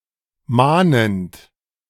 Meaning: present participle of mahnen
- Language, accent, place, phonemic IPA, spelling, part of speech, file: German, Germany, Berlin, /ˈmaːnənt/, mahnend, verb, De-mahnend.ogg